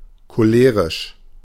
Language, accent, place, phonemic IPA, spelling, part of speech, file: German, Germany, Berlin, /koˈleːʁɪʃ/, cholerisch, adjective, De-cholerisch.ogg
- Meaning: 1. choleric 2. hot-headed